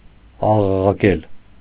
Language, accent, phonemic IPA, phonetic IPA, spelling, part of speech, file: Armenian, Eastern Armenian, /ɑʁɑʁɑˈkel/, [ɑʁɑʁɑkél], աղաղակել, verb, Hy-աղաղակել.ogg
- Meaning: 1. to shout, to scream, to yell, to cry out 2. to kvetch, to gripe (to remind frequently or complain)